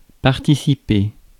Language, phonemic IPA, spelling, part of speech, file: French, /paʁ.ti.si.pe/, participer, verb, Fr-participer.ogg
- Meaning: 1. to participate 2. to donate 3. to share (emotions) 4. to have some of the characteristics of; to partake of